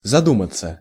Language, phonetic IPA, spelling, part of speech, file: Russian, [zɐˈdumət͡sə], задуматься, verb, Ru-задуматься.ogg
- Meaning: 1. to think, to meditate, to reflect 2. to wonder, to muse 3. to begin to think, to be engrossed in thoughts 4. to hesitate 5. passive of заду́мать (zadúmatʹ)